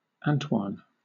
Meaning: A male given name from French occasionally borrowed from French, mostly in the U.S
- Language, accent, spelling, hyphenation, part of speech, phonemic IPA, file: English, Southern England, Antoine, Ant‧oine, proper noun, /ˈæntwɑːn/, LL-Q1860 (eng)-Antoine.wav